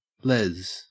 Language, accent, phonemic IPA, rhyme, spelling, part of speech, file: English, Australia, /lɛz/, -ɛz, lez, adjective / noun, En-au-lez.ogg
- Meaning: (adjective) Alternative form of les